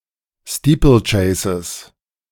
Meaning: plural of Steeplechase
- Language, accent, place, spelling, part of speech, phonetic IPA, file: German, Germany, Berlin, Steeplechases, noun, [ˈstiːpl̩ˌt͡ʃɛɪ̯səs], De-Steeplechases.ogg